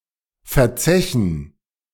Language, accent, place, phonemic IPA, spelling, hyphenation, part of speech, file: German, Germany, Berlin, /fɛɐ̯ˈt͡sɛçn̩/, verzechen, verzechen, verb, De-verzechen.ogg
- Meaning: to spend on drinking (e.g. time or money)